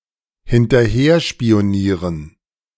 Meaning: [with dative] to spy on
- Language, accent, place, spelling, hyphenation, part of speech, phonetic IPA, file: German, Germany, Berlin, hinterherspionieren, hin‧ter‧her‧spi‧o‧nie‧ren, verb, [hɪntɐˈheːɐ̯ʃpi̯oˌniːʁən], De-hinterherspionieren.ogg